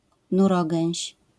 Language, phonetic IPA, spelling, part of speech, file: Polish, [nuˈrɔɡɛ̃w̃ɕ], nurogęś, noun, LL-Q809 (pol)-nurogęś.wav